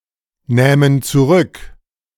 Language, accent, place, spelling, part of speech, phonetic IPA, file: German, Germany, Berlin, nähmen zurück, verb, [ˌnɛːmən t͡suˈʁʏk], De-nähmen zurück.ogg
- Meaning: first-person plural subjunctive II of zurücknehmen